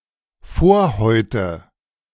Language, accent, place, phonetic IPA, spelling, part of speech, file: German, Germany, Berlin, [ˈfoɐ̯ˌhɔɪ̯tə], Vorhäute, noun, De-Vorhäute.ogg
- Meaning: nominative/accusative/genitive plural of Vorhaut